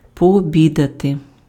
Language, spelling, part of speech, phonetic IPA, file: Ukrainian, пообідати, verb, [pɔoˈbʲidɐte], Uk-пообідати.ogg
- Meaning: to have lunch, to lunch, to have dinner (eat a midday meal)